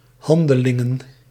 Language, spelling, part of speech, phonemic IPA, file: Dutch, Handelingen, proper noun, /ˈhɑndəˌlɪŋə(n)/, Nl-Handelingen.ogg
- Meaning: 1. clipping of Handelingen van de apostelen (“Acts of the Apostles”) 2. clipping of Handelingen der Apostelen (“Acts of the Apostles”)